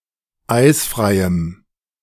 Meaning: strong dative masculine/neuter singular of eisfrei
- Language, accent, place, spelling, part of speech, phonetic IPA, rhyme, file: German, Germany, Berlin, eisfreiem, adjective, [ˈaɪ̯sfʁaɪ̯əm], -aɪ̯sfʁaɪ̯əm, De-eisfreiem.ogg